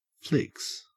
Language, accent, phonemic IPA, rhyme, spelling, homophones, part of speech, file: English, Australia, /flɪks/, -ɪks, flix, flicks, noun, En-au-flix.ogg
- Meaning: 1. The soft fur of some animals, especially the beaver 2. Alternative spelling of flicks (motion pictures)